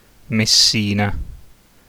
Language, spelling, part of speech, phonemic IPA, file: Italian, Messina, proper noun, /mesˈsina/, It-Messina.ogg